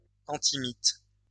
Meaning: moth repellent, mothproofer
- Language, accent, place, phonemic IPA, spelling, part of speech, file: French, France, Lyon, /ɑ̃.ti.mit/, antimite, noun, LL-Q150 (fra)-antimite.wav